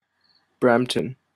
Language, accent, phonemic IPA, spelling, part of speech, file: English, Canada, /ˈbɹæm(p)tən/, Brampton, proper noun, En-ca-Brampton.opus
- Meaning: 1. A city in Ontario, Canada 2. An unincorporated community and township in Delta County, Michigan, United States 3. A township in Sargent County, North Dakota, United States